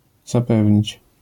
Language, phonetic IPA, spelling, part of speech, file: Polish, [zaˈpɛvʲɲit͡ɕ], zapewnić, verb, LL-Q809 (pol)-zapewnić.wav